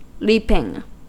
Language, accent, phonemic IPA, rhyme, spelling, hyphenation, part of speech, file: English, US, /ˈliːpɪŋ/, -iːpɪŋ, leaping, leap‧ing, verb, En-us-leaping.ogg
- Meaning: present participle and gerund of leap